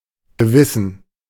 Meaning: conscience (moral sense or faculty)
- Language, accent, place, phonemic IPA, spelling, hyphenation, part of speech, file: German, Germany, Berlin, /ɡəˈvɪsən/, Gewissen, Ge‧wis‧sen, noun, De-Gewissen.ogg